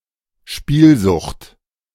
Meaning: addiction to gambling
- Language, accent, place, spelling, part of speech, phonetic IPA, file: German, Germany, Berlin, Spielsucht, noun, [ˈʃpiːlˌzʊxt], De-Spielsucht.ogg